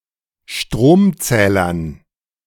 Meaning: dative plural of Stromzähler
- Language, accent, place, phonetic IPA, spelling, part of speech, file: German, Germany, Berlin, [ˈʃtʁoːmˌt͡sɛːlɐn], Stromzählern, noun, De-Stromzählern.ogg